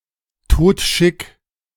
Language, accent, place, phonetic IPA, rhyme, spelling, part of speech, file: German, Germany, Berlin, [ˈtoːtˈʃɪk], -ɪk, todschick, adjective, De-todschick.ogg
- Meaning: very fashionable; dressed to kill